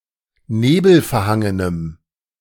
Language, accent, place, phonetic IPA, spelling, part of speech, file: German, Germany, Berlin, [ˈneːbl̩fɛɐ̯ˌhaŋənəm], nebelverhangenem, adjective, De-nebelverhangenem.ogg
- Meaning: strong dative masculine/neuter singular of nebelverhangen